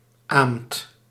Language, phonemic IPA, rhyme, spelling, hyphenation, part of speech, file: Dutch, /aːmt/, -aːmt, aamt, aamt, noun, Nl-aamt.ogg
- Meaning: udder edema, a condition of bovines, goats and sheep before delivery of their young